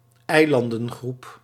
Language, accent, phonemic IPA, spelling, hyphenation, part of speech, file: Dutch, Netherlands, /ˈɛi̯.lɑn.də(n)ˌɣrup/, eilandengroep, ei‧lan‧den‧groep, noun, Nl-eilandengroep.ogg
- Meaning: archipelago